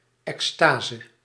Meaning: ecstasy, ekstasis (emotion)
- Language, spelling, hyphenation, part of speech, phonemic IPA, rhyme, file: Dutch, extase, ex‧ta‧se, noun, /ˌɛksˈtaː.zə/, -aːzə, Nl-extase.ogg